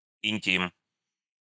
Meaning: 1. close, intimate relationship 2. intimacy (in a sexual or non-sexual sense) 3. anything intimate
- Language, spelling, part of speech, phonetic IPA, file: Russian, интим, noun, [ɪnʲˈtʲim], Ru-интим.ogg